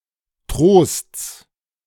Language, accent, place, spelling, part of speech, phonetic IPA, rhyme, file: German, Germany, Berlin, Trosts, noun, [tʁoːst͡s], -oːst͡s, De-Trosts.ogg
- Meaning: genitive of Trost